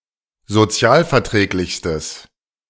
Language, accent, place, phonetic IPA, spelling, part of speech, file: German, Germany, Berlin, [zoˈt͡si̯aːlfɛɐ̯ˌtʁɛːklɪçstəs], sozialverträglichstes, adjective, De-sozialverträglichstes.ogg
- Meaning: strong/mixed nominative/accusative neuter singular superlative degree of sozialverträglich